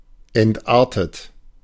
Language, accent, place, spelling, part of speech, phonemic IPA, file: German, Germany, Berlin, entartet, verb / adjective, /ˌɛntˈʔaʁtət/, De-entartet.ogg
- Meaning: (verb) past participle of entarten; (adjective) degenerate